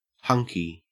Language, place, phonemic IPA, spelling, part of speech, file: English, Queensland, /ˈhɐŋ.ki/, hunky, adjective / noun, En-au-hunky.ogg
- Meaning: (adjective) 1. Exhibiting strong, masculine beauty 2. Shaped like a hunk, or piece; chunky 3. All right; in good condition 4. even; square; on equal footing with